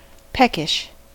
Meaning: 1. mildly hungry 2. irritable; crotchety
- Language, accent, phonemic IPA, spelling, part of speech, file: English, US, /ˈpɛk.ɪʃ/, peckish, adjective, En-us-peckish.ogg